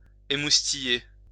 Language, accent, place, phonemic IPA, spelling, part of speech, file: French, France, Lyon, /e.mus.ti.je/, émoustiller, verb, LL-Q150 (fra)-émoustiller.wav
- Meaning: 1. to exhilarate 2. to titillate